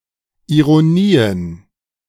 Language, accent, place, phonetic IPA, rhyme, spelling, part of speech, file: German, Germany, Berlin, [iʁoˈniːən], -iːən, Ironien, noun, De-Ironien.ogg
- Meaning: plural of Ironie